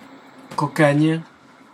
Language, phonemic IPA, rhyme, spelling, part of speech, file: French, /kɔ.kaɲ/, -aɲ, cocagne, noun, Fr-cocagne.ogg
- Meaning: Cockaigne